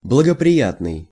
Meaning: favourable/favorable, auspicious, advantageous
- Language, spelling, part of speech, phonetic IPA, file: Russian, благоприятный, adjective, [bɫəɡəprʲɪˈjatnɨj], Ru-благоприятный.ogg